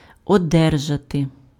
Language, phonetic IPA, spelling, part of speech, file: Ukrainian, [ɔˈdɛrʒɐte], одержати, verb, Uk-одержати.ogg
- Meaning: to receive, to get, to obtain